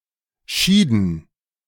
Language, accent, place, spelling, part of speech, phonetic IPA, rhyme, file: German, Germany, Berlin, schieden, verb, [ˈʃiːdn̩], -iːdn̩, De-schieden.ogg
- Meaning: inflection of scheiden: 1. first/third-person plural preterite 2. first/third-person plural subjunctive II